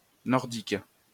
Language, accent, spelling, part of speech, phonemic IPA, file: French, France, nordique, adjective, /nɔʁ.dik/, LL-Q150 (fra)-nordique.wav
- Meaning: 1. northern; northerly 2. Nordic; Norse